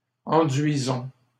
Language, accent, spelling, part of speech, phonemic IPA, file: French, Canada, enduisons, verb, /ɑ̃.dɥi.zɔ̃/, LL-Q150 (fra)-enduisons.wav
- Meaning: inflection of enduire: 1. first-person plural present indicative 2. first-person plural imperative